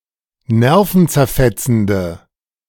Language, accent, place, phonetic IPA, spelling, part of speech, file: German, Germany, Berlin, [ˈnɛʁfn̩t͡sɛɐ̯ˌfɛt͡sn̩də], nervenzerfetzende, adjective, De-nervenzerfetzende.ogg
- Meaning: inflection of nervenzerfetzend: 1. strong/mixed nominative/accusative feminine singular 2. strong nominative/accusative plural 3. weak nominative all-gender singular